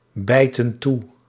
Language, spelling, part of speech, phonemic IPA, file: Dutch, bijten toe, verb, /ˈbɛitə(n) ˈtu/, Nl-bijten toe.ogg
- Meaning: inflection of toebijten: 1. plural present indicative 2. plural present subjunctive